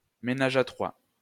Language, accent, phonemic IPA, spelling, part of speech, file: French, France, /me.na.ʒ‿a tʁwa/, ménage à trois, noun, LL-Q150 (fra)-ménage à trois.wav
- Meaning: 1. ménage à trois 2. ménage à trois; a household of three 3. a trio